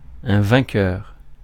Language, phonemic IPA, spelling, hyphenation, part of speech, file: French, /vɛ̃.kœʁ/, vainqueur, vain‧queur, noun, Fr-vainqueur.ogg
- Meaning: 1. conqueror 2. victor, winner